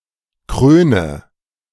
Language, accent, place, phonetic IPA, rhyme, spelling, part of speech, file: German, Germany, Berlin, [ˈkʁøːnə], -øːnə, kröne, verb, De-kröne.ogg
- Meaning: inflection of krönen: 1. first-person singular present 2. first/third-person singular subjunctive I 3. singular imperative